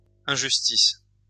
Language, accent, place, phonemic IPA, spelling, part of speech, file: French, France, Lyon, /ɛ̃.ʒys.tis/, injustices, noun, LL-Q150 (fra)-injustices.wav
- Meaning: plural of injustice